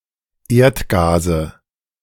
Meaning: nominative/accusative/genitive plural of Erdgas
- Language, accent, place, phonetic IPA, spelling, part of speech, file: German, Germany, Berlin, [ˈeːɐ̯tˌɡaːzə], Erdgase, noun, De-Erdgase.ogg